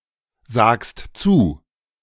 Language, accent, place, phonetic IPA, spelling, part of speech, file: German, Germany, Berlin, [ˌzaːkst ˈt͡suː], sagst zu, verb, De-sagst zu.ogg
- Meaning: second-person singular present of zusagen